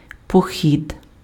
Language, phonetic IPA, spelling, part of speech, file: Ukrainian, [poˈxʲid], похід, noun, Uk-похід.ogg
- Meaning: 1. campaign, drive, crusade 2. march 3. trip, walking tour, hike